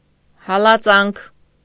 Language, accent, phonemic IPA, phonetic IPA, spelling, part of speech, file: Armenian, Eastern Armenian, /hɑlɑˈt͡sɑnkʰ/, [hɑlɑt͡sɑ́ŋkʰ], հալածանք, noun, Hy-հալածանք.ogg
- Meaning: 1. persecution, pursuit 2. oppression; harassment; persecution, victimization